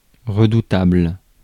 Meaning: 1. frightening 2. formidable 3. redoubtable
- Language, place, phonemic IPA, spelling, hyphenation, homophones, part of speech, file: French, Paris, /ʁə.du.tabl/, redoutable, re‧dou‧table, redoutables, adjective, Fr-redoutable.ogg